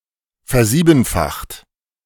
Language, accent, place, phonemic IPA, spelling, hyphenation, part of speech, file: German, Germany, Berlin, /fɛɐ̯ˈziːbn̩faxt/, versiebenfacht, ver‧sie‧ben‧facht, verb, De-versiebenfacht.ogg
- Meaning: 1. past participle of versiebenfachen 2. inflection of versiebenfachen: second-person plural present 3. inflection of versiebenfachen: third-person singular present